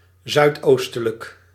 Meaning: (adjective) southeastern; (adverb) southeasterly
- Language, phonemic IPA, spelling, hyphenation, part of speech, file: Dutch, /ˌzœy̯tˈoːs.tə.lək/, zuidoostelijk, zuid‧oos‧te‧lijk, adjective / adverb, Nl-zuidoostelijk.ogg